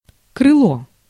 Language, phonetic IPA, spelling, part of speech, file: Russian, [krɨˈɫo], крыло, noun, Ru-крыло.ogg
- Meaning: 1. wing 2. wing: a pair of wings (viewed as a single aerodynamic entity) 3. sail (of a windmill) 4. fender, wing (panel of a car that encloses the wheel area)